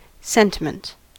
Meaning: 1. A general thought, feeling, or sense 2. Feelings, especially tender feelings, as apart from reason or judgment, or of a weak or foolish kind
- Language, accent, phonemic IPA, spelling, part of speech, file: English, US, /ˈsɛn.tɪ.mənt/, sentiment, noun, En-us-sentiment.ogg